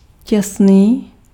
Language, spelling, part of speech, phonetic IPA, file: Czech, těsný, adjective, [ˈcɛsniː], Cs-těsný.ogg
- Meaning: 1. tight, close-fitting, skintight 2. tight, watertight, airtight